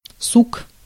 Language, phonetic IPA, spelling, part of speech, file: Russian, [suk], сук, noun, Ru-сук.ogg
- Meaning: 1. bough, limb, branch 2. genitive/accusative plural of су́ка (súka) 3. souq